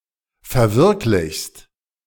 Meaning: second-person singular present of verwirklichen
- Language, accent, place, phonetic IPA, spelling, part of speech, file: German, Germany, Berlin, [fɛɐ̯ˈvɪʁklɪçst], verwirklichst, verb, De-verwirklichst.ogg